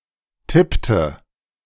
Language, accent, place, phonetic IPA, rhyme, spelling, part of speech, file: German, Germany, Berlin, [ˈtɪptə], -ɪptə, tippte, verb, De-tippte.ogg
- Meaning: inflection of tippen: 1. first/third-person singular preterite 2. first/third-person singular subjunctive II